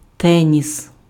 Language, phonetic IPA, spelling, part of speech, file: Ukrainian, [ˈtɛnʲis], теніс, noun, Uk-теніс.ogg
- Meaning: tennis